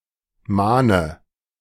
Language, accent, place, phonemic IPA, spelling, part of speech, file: German, Germany, Berlin, /ˈmaːnə/, mahne, verb, De-mahne.ogg
- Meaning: inflection of mahnen: 1. first-person singular present 2. singular imperative 3. first/third-person singular subjunctive I